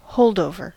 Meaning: Something left behind, saved or remaining from an earlier time
- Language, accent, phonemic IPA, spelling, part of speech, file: English, US, /ˈhoʊldˌoʊvɚ/, holdover, noun, En-us-holdover.ogg